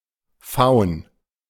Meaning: faun
- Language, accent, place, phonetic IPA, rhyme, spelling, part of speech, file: German, Germany, Berlin, [faʊ̯n], -aʊ̯n, Faun, noun, De-Faun.ogg